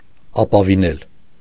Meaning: to rely on, place reliance in
- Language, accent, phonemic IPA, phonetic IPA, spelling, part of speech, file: Armenian, Eastern Armenian, /ɑpɑviˈnel/, [ɑpɑvinél], ապավինել, verb, Hy-ապավինել.ogg